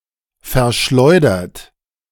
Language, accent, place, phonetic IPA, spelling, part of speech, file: German, Germany, Berlin, [fɛɐ̯ˈʃlɔɪ̯dɐt], verschleudert, verb, De-verschleudert.ogg
- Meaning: 1. past participle of verschleudern 2. inflection of verschleudern: third-person singular present 3. inflection of verschleudern: second-person plural present